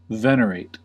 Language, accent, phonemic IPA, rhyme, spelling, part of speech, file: English, US, /ˈvɛnəɹeɪt/, -eɪt, venerate, verb, En-us-venerate.ogg
- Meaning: 1. To treat with great respect and deference 2. To revere or hold in awe